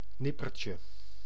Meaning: 1. diminutive of nipper 2. instant, brief moment
- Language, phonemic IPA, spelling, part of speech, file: Dutch, /ˈnɪpərcə/, nippertje, noun, Nl-nippertje.ogg